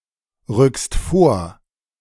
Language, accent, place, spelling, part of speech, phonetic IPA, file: German, Germany, Berlin, rückst vor, verb, [ˌʁʏkst ˈfoːɐ̯], De-rückst vor.ogg
- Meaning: second-person singular present of vorrücken